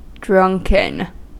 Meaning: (verb) past participle of drink; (adjective) 1. Drunk, in the state of intoxication after having drunk an alcoholic beverage 2. Given to habitual excessive use of alcohol
- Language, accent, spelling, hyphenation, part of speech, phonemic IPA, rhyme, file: English, US, drunken, drunk‧en, verb / adjective, /ˈdɹʌŋkən/, -ʌŋkən, En-us-drunken.ogg